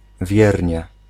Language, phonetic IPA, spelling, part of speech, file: Polish, [ˈvʲjɛrʲɲɛ], wiernie, adverb, Pl-wiernie.ogg